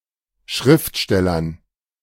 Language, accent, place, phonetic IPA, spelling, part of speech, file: German, Germany, Berlin, [ˈʃʁɪftˌʃtɛlɐn], Schriftstellern, noun, De-Schriftstellern.ogg
- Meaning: dative plural of Schriftsteller